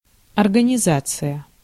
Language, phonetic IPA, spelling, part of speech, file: Russian, [ɐrɡənʲɪˈzat͡sɨjə], организация, noun, Ru-организация.ogg
- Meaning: 1. organization, arrangement 2. organization 3. setup, structure